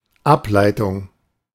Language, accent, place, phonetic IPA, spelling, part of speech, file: German, Germany, Berlin, [ˈapˌlaɪ̯tʊŋ], Ableitung, noun, De-Ableitung.ogg
- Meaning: 1. derivative (something derived) 2. derivation 3. derivative